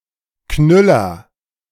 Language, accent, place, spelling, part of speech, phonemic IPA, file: German, Germany, Berlin, Knüller, noun, /ˈknʏlɐ/, De-Knüller.ogg
- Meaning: 1. an exciting article, news story, or piece of information; a sensation, bombshell 2. something that is funny, often in an unusual or bizarre way 3. a blockbuster, hit, highlight, anything exciting